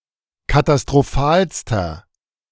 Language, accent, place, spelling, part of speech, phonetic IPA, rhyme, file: German, Germany, Berlin, katastrophalster, adjective, [katastʁoˈfaːlstɐ], -aːlstɐ, De-katastrophalster.ogg
- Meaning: inflection of katastrophal: 1. strong/mixed nominative masculine singular superlative degree 2. strong genitive/dative feminine singular superlative degree 3. strong genitive plural superlative degree